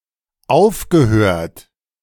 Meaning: past participle of aufhören
- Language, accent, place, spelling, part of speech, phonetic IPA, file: German, Germany, Berlin, aufgehört, verb, [ˈaʊ̯fɡəˌhøːɐ̯t], De-aufgehört.ogg